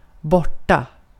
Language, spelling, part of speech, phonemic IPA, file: Swedish, borta, adverb / adjective, /²bɔʈːa/, Sv-borta.ogg
- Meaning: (adverb) 1. away, gone, lost (of a thing) 2. out of it, gone, not aware of what's going on (of a person); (adjective) away, not on one's home ground